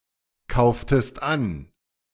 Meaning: inflection of ankaufen: 1. second-person singular preterite 2. second-person singular subjunctive II
- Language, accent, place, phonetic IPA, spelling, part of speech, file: German, Germany, Berlin, [ˌkaʊ̯ftəst ˈan], kauftest an, verb, De-kauftest an.ogg